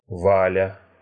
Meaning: 1. a diminutive, Valya, of the male given name Валенти́н (Valentín), equivalent to English Val 2. a diminutive, Valya, of the female given name Валенти́на (Valentína), equivalent to English Val
- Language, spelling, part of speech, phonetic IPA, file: Russian, Валя, proper noun, [ˈvalʲə], Ru-Ва́ля.ogg